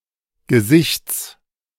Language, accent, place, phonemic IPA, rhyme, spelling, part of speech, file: German, Germany, Berlin, /ɡəˈzɪçts/, -ɪçt͡s, Gesichts, noun, De-Gesichts.ogg
- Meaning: genitive singular of Gesicht